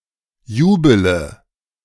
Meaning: inflection of jubeln: 1. first-person singular present 2. first-person plural subjunctive I 3. third-person singular subjunctive I 4. singular imperative
- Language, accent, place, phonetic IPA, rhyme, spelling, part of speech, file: German, Germany, Berlin, [ˈjuːbələ], -uːbələ, jubele, verb, De-jubele.ogg